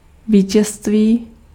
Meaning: victory
- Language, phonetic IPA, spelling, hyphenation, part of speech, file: Czech, [ˈviːcɛstviː], vítězství, ví‧těz‧ství, noun, Cs-vítězství.ogg